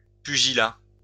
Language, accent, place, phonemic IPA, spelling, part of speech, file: French, France, Lyon, /py.ʒi.la/, pugilat, noun, LL-Q150 (fra)-pugilat.wav
- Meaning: 1. pugilism, fist-fighting 2. boxing